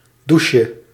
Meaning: diminutive of douche
- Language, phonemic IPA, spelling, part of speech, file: Dutch, /ˈduʃə/, doucheje, noun, Nl-doucheje.ogg